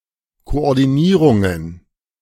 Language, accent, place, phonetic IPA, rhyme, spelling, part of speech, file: German, Germany, Berlin, [koʔɔʁdiˈniːʁʊŋən], -iːʁʊŋən, Koordinierungen, noun, De-Koordinierungen.ogg
- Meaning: plural of Koordinierung